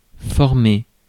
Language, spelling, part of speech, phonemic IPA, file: French, former, verb, /fɔʁ.me/, Fr-former.ogg
- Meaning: 1. to form (generic sense) 2. to shape (to make into a certain shape) 3. to train; to educate